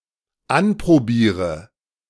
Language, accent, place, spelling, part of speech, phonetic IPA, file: German, Germany, Berlin, anprobiere, verb, [ˈanpʁoˌbiːʁə], De-anprobiere.ogg
- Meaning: inflection of anprobieren: 1. first-person singular dependent present 2. first/third-person singular dependent subjunctive I